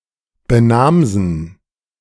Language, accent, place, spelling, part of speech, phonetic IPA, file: German, Germany, Berlin, benamsen, verb, [bəˈnaːmzn̩], De-benamsen.ogg
- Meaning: to give a name to